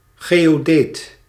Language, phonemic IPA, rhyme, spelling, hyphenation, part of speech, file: Dutch, /ˌɣeː.oːˈdeːt/, -eːt, geodeet, geo‧deet, noun, Nl-geodeet.ogg
- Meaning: 1. geodesic (shortest section of a line or curve on a surface of a certain curvature) 2. geodesist (land surveyor)